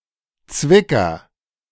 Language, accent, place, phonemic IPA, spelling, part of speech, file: German, Germany, Berlin, /ˈt͡svɪkɐ/, Zwicker, noun, De-Zwicker.ogg
- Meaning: pince-nez